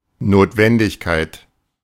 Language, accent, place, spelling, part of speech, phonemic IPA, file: German, Germany, Berlin, Notwendigkeit, noun, /ˌnoːtˈvɛn.dɪçˌkaɪ̯t/, De-Notwendigkeit.ogg
- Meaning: necessity